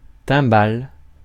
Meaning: 1. kettledrum; timpani 2. cup, goblet 3. timbale (mould)
- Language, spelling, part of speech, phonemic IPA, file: French, timbale, noun, /tɛ̃.bal/, Fr-timbale.ogg